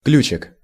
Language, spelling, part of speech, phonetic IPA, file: Russian, ключик, noun, [ˈklʲʉt͡ɕɪk], Ru-ключик.ogg
- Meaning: diminutive of ключ (ključ): (small) key